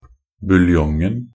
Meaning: definite singular of buljong
- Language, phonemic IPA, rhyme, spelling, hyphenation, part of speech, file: Norwegian Bokmål, /bʉlˈjɔŋn̩/, -ɔŋn̩, buljongen, bul‧jong‧en, noun, Nb-buljongen.ogg